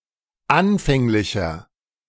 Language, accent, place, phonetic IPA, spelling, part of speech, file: German, Germany, Berlin, [ˈanfɛŋlɪçɐ], anfänglicher, adjective, De-anfänglicher.ogg
- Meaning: inflection of anfänglich: 1. strong/mixed nominative masculine singular 2. strong genitive/dative feminine singular 3. strong genitive plural